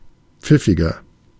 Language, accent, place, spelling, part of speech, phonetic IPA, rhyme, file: German, Germany, Berlin, pfiffiger, adjective, [ˈp͡fɪfɪɡɐ], -ɪfɪɡɐ, De-pfiffiger.ogg
- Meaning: 1. comparative degree of pfiffig 2. inflection of pfiffig: strong/mixed nominative masculine singular 3. inflection of pfiffig: strong genitive/dative feminine singular